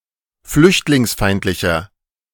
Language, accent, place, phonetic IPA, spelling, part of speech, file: German, Germany, Berlin, [ˈflʏçtlɪŋsˌfaɪ̯ntlɪçɐ], flüchtlingsfeindlicher, adjective, De-flüchtlingsfeindlicher.ogg
- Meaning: inflection of flüchtlingsfeindlich: 1. strong/mixed nominative masculine singular 2. strong genitive/dative feminine singular 3. strong genitive plural